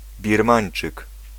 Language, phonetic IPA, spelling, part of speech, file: Polish, [bʲirˈmãj̃n͇t͡ʃɨk], Birmańczyk, noun, Pl-Birmańczyk.ogg